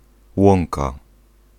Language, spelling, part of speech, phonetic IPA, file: Polish, łąka, noun, [ˈwɔ̃ŋka], Pl-łąka.ogg